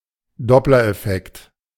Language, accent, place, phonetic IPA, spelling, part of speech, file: German, Germany, Berlin, [ˈdɔplɐʔɛˌfɛkt], Doppler-Effekt, noun, De-Doppler-Effekt.ogg
- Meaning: Doppler effect (change in frequency or wavelength)